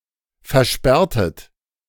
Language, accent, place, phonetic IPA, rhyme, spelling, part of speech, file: German, Germany, Berlin, [fɛɐ̯ˈʃpɛʁtət], -ɛʁtət, versperrtet, verb, De-versperrtet.ogg
- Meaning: inflection of versperren: 1. second-person plural preterite 2. second-person plural subjunctive II